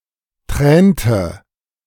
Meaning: inflection of tränen: 1. first/third-person singular preterite 2. first/third-person singular subjunctive II
- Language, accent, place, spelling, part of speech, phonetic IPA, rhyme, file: German, Germany, Berlin, tränte, verb, [ˈtʁɛːntə], -ɛːntə, De-tränte.ogg